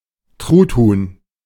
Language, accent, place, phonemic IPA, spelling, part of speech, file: German, Germany, Berlin, /ˈtʁutˌhuːn/, Truthuhn, noun, De-Truthuhn.ogg
- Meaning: turkey (the species; an individual of either sex)